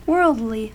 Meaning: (adjective) 1. Concerned with human or earthly matters, physical as opposed to spiritual 2. Concerned with secular rather than sacred matters
- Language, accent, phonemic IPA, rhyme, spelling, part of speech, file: English, US, /ˈwɜː(ɹ)ldli/, -ɜː(ɹ)ldli, worldly, adjective / adverb, En-us-worldly.ogg